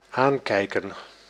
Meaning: to look at, to look in the eye
- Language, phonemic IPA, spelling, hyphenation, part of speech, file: Dutch, /ˈaːŋkɛi̯kə(n)/, aankijken, aan‧kij‧ken, verb, Nl-aankijken.ogg